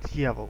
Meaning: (noun) 1. devil 2. devil, insidious person; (interjection) dammit
- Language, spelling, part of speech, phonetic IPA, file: Russian, дьявол, noun / interjection, [ˈdʲjavəɫ], Ru-дьявол.ogg